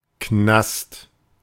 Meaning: 1. jail, the nick, the slammer 2. hunger
- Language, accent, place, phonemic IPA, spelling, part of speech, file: German, Germany, Berlin, /knast/, Knast, noun, De-Knast.ogg